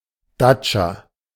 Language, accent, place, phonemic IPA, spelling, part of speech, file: German, Germany, Berlin, /ˈdatʃa/, Datscha, noun, De-Datscha.ogg
- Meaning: alternative form of Datsche